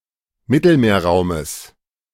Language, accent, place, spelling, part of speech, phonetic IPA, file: German, Germany, Berlin, Mittelmeerraumes, noun, [ˈmɪtl̩meːɐ̯ˌʁaʊ̯məs], De-Mittelmeerraumes.ogg
- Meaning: genitive singular of Mittelmeerraum